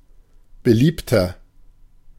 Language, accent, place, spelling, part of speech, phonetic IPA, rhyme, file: German, Germany, Berlin, beliebter, adjective, [bəˈliːptɐ], -iːptɐ, De-beliebter.ogg
- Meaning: 1. comparative degree of beliebt 2. inflection of beliebt: strong/mixed nominative masculine singular 3. inflection of beliebt: strong genitive/dative feminine singular